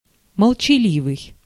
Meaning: taciturn (untalkative, silent)
- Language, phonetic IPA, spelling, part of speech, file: Russian, [məɫt͡ɕɪˈlʲivɨj], молчаливый, adjective, Ru-молчаливый.ogg